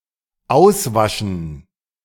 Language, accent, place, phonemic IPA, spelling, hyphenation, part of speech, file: German, Germany, Berlin, /ˈaʊ̯sˌvaʃən/, auswaschen, aus‧wa‧schen, verb, De-auswaschen.ogg
- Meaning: 1. to wash out (a container, a brush, etc.) 2. to wash out (a stain, etc.); to remove by washing 3. to be washed out; to fade through washing (chiefly of dyes)